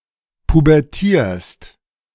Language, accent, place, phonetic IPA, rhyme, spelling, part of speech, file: German, Germany, Berlin, [pubɛʁˈtiːɐ̯st], -iːɐ̯st, pubertierst, verb, De-pubertierst.ogg
- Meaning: second-person singular present of pubertieren